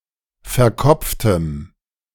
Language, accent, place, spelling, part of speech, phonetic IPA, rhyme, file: German, Germany, Berlin, verkopftem, adjective, [fɛɐ̯ˈkɔp͡ftəm], -ɔp͡ftəm, De-verkopftem.ogg
- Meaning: strong dative masculine/neuter singular of verkopft